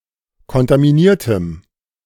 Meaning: strong dative masculine/neuter singular of kontaminiert
- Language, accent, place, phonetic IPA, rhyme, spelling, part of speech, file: German, Germany, Berlin, [kɔntamiˈniːɐ̯təm], -iːɐ̯təm, kontaminiertem, adjective, De-kontaminiertem.ogg